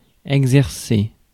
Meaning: 1. to instruct, to command 2. to exercise 3. to practise, to do
- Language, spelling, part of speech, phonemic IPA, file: French, exercer, verb, /ɛɡ.zɛʁ.se/, Fr-exercer.ogg